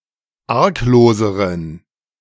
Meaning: inflection of arglos: 1. strong genitive masculine/neuter singular comparative degree 2. weak/mixed genitive/dative all-gender singular comparative degree
- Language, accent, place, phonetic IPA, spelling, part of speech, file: German, Germany, Berlin, [ˈaʁkˌloːzəʁən], argloseren, adjective, De-argloseren.ogg